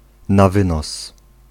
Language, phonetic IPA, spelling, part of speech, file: Polish, [na‿ˈvɨ̃nɔs], na wynos, adjectival phrase / adverbial phrase, Pl-na wynos.ogg